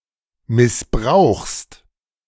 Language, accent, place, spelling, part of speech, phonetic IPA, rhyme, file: German, Germany, Berlin, missbrauchst, verb, [mɪsˈbʁaʊ̯xst], -aʊ̯xst, De-missbrauchst.ogg
- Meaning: second-person singular present of missbrauchen